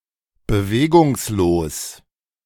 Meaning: motionless, still, stock-still
- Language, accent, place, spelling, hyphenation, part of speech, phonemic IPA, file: German, Germany, Berlin, bewegungslos, be‧we‧gungs‧los, adjective, /bəˈveːɡʊŋsˌloːs/, De-bewegungslos.ogg